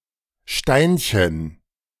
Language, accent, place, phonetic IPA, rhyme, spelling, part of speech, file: German, Germany, Berlin, [ˈʃtaɪ̯nçən], -aɪ̯nçən, Steinchen, noun, De-Steinchen.ogg
- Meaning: diminutive of Stein